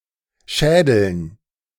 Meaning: dative plural of Schädel
- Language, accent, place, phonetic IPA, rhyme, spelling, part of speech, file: German, Germany, Berlin, [ˈʃɛːdl̩n], -ɛːdl̩n, Schädeln, noun, De-Schädeln.ogg